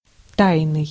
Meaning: 1. secret 2. stealthy; surreptitious 3. vague 4. privy
- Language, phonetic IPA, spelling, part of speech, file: Russian, [ˈtajnɨj], тайный, adjective, Ru-тайный.ogg